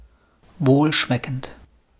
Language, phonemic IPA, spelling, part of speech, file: German, /ˈvoːlˌʃmɛkənt/, wohlschmeckend, adjective, De-wohlschmeckend.wav
- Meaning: tasty, palatable, delicious